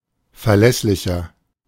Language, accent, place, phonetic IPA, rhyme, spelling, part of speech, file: German, Germany, Berlin, [fɛɐ̯ˈlɛslɪçɐ], -ɛslɪçɐ, verlässlicher, adjective, De-verlässlicher.ogg
- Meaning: 1. comparative degree of verlässlich 2. inflection of verlässlich: strong/mixed nominative masculine singular 3. inflection of verlässlich: strong genitive/dative feminine singular